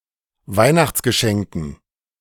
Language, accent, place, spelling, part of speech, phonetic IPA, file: German, Germany, Berlin, Weihnachtsgeschenken, noun, [ˈvaɪ̯naxt͡sɡəˌʃɛŋkn̩], De-Weihnachtsgeschenken.ogg
- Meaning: dative plural of Weihnachtsgeschenk